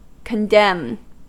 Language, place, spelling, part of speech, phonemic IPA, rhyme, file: English, California, condemn, verb, /kənˈdɛm/, -ɛm, En-us-condemn.ogg
- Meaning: 1. To strongly criticise or denounce; to excoriate 2. To judicially pronounce (someone) guilty 3. To judicially announce a verdict upon a finding of guilt; To sentence